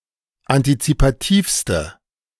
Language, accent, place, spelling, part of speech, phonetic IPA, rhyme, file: German, Germany, Berlin, antizipativste, adjective, [antit͡sipaˈtiːfstə], -iːfstə, De-antizipativste.ogg
- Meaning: inflection of antizipativ: 1. strong/mixed nominative/accusative feminine singular superlative degree 2. strong nominative/accusative plural superlative degree